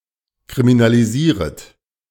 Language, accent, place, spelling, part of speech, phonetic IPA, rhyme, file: German, Germany, Berlin, kriminalisieret, verb, [kʁiminaliˈziːʁət], -iːʁət, De-kriminalisieret.ogg
- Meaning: second-person plural subjunctive I of kriminalisieren